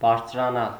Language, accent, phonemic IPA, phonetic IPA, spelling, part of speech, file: Armenian, Eastern Armenian, /bɑɾt͡sʰɾɑˈnɑl/, [bɑɾt͡sʰɾɑnɑ́l], բարձրանալ, verb, Hy-բարձրանալ.ogg
- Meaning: 1. to rise, to ascend, to reascend, to surmount, to exceed, to surpass 2. to increase, to grow 3. to climb (a tree, a mountain, etc.)